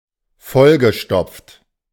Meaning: past participle of vollstopfen
- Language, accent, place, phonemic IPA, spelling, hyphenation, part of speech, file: German, Germany, Berlin, /ˈfɔlɡəˌʃtɔpft/, vollgestopft, voll‧ge‧stopft, verb, De-vollgestopft.ogg